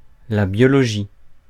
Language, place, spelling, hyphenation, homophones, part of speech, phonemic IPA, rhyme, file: French, Paris, biologie, bio‧lo‧gie, biologies, noun, /bjɔ.lɔ.ʒi/, -i, Fr-biologie.ogg
- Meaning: biology